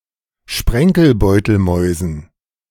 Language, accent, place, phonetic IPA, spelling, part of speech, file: German, Germany, Berlin, [ˈʃpʁɛŋkl̩ˌbɔɪ̯tl̩mɔɪ̯zn̩], Sprenkelbeutelmäusen, noun, De-Sprenkelbeutelmäusen.ogg
- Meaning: dative plural of Sprenkelbeutelmaus